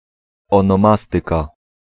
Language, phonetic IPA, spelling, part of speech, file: Polish, [ˌɔ̃nɔ̃ˈmastɨka], onomastyka, noun, Pl-onomastyka.ogg